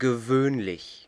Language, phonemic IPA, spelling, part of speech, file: German, /ɡəˈvøːnlɪç/, gewöhnlich, adjective / adverb, De-gewöhnlich.ogg
- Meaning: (adjective) 1. usual, normal, ordinary, everyday 2. vulgar, common (not befitting someone of higher class); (adverb) usually